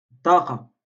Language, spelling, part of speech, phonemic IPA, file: Moroccan Arabic, طاقة, noun, /tˤaː.qa/, LL-Q56426 (ary)-طاقة.wav
- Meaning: window